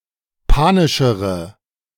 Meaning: inflection of panisch: 1. strong/mixed nominative/accusative feminine singular comparative degree 2. strong nominative/accusative plural comparative degree
- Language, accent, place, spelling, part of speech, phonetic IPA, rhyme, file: German, Germany, Berlin, panischere, adjective, [ˈpaːnɪʃəʁə], -aːnɪʃəʁə, De-panischere.ogg